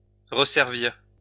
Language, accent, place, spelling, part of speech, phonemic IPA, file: French, France, Lyon, resservir, verb, /ʁə.sɛʁ.viʁ/, LL-Q150 (fra)-resservir.wav
- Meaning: to serve again